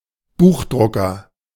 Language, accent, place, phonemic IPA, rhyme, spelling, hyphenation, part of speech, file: German, Germany, Berlin, /ˈbuːχˌdʁʊkɐ/, -ʊkɐ, Buchdrucker, Buch‧dru‧cker, noun, De-Buchdrucker.ogg
- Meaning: 1. a person that prints books, typographer 2. the European spruce bark beetle, typographer (Ips typographus)